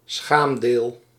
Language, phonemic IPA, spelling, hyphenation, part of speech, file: Dutch, /ˈsxaːm.deːl/, schaamdeel, schaam‧deel, noun, Nl-schaamdeel.ogg
- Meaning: genital